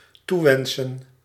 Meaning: to wish
- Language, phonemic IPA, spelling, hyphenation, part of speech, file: Dutch, /ˈtuˌʋɛn.sən/, toewensen, toe‧wen‧sen, verb, Nl-toewensen.ogg